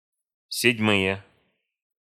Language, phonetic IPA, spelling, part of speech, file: Russian, [sʲɪdʲˈmɨje], седьмые, noun, Ru-седьмые.ogg
- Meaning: nominative/accusative plural of седьма́я (sedʹmája)